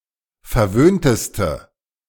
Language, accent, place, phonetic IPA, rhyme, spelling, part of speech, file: German, Germany, Berlin, [fɛɐ̯ˈvøːntəstə], -øːntəstə, verwöhnteste, adjective, De-verwöhnteste.ogg
- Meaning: inflection of verwöhnt: 1. strong/mixed nominative/accusative feminine singular superlative degree 2. strong nominative/accusative plural superlative degree